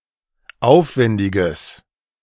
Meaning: strong/mixed nominative/accusative neuter singular of aufwendig
- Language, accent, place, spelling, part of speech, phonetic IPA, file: German, Germany, Berlin, aufwendiges, adjective, [ˈaʊ̯fˌvɛndɪɡəs], De-aufwendiges.ogg